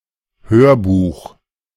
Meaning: audiobook
- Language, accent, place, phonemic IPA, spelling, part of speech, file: German, Germany, Berlin, /ˈhøːɐ̯ˌbuːx/, Hörbuch, noun, De-Hörbuch.ogg